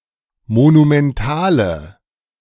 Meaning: inflection of monumental: 1. strong/mixed nominative/accusative feminine singular 2. strong nominative/accusative plural 3. weak nominative all-gender singular
- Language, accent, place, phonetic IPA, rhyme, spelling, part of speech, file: German, Germany, Berlin, [monumɛnˈtaːlə], -aːlə, monumentale, adjective, De-monumentale.ogg